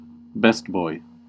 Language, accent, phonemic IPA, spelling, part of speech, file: English, US, /ˈbɛstˌbɔɪ/, best boy, noun, En-us-best boy.ogg
- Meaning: 1. The first assistant to either the key grip (in charge of camera placement and movement) or the gaffer (in charge of lighting and electrics) 2. A reader or viewer's preferred male character